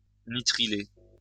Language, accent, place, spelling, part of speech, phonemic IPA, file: French, France, Lyon, nitriler, verb, /ni.tʁi.le/, LL-Q150 (fra)-nitriler.wav
- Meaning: to nitrilate